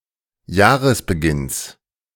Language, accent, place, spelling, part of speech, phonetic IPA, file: German, Germany, Berlin, Jahresbeginns, noun, [ˈjaːʁəsbəˌɡɪns], De-Jahresbeginns.ogg
- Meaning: genitive singular of Jahresbeginn